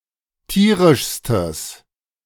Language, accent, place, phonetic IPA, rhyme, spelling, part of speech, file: German, Germany, Berlin, [ˈtiːʁɪʃstəs], -iːʁɪʃstəs, tierischstes, adjective, De-tierischstes.ogg
- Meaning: strong/mixed nominative/accusative neuter singular superlative degree of tierisch